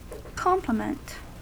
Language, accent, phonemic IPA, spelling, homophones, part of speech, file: English, US, /ˈkɑmpləmənt/, compliment, complement, noun / verb, En-us-compliment.ogg
- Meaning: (noun) 1. An expression of praise, congratulation, or respect 2. Complimentary language; courtesy, flattery 3. Misspelling of complement